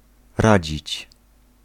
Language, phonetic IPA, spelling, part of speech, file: Polish, [ˈrad͡ʑit͡ɕ], radzić, verb, Pl-radzić.ogg